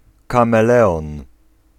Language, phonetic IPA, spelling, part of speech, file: Polish, [ˌkãmɛˈlɛɔ̃n], kameleon, noun, Pl-kameleon.ogg